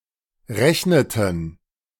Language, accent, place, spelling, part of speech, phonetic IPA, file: German, Germany, Berlin, rechneten, verb, [ˈʁɛçnətn̩], De-rechneten.ogg
- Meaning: inflection of rechnen: 1. first/third-person plural preterite 2. first/third-person plural subjunctive II